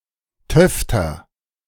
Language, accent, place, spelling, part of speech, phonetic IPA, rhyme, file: German, Germany, Berlin, töfter, adjective, [ˈtœftɐ], -œftɐ, De-töfter.ogg
- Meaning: 1. comparative degree of töfte 2. inflection of töfte: strong/mixed nominative masculine singular 3. inflection of töfte: strong genitive/dative feminine singular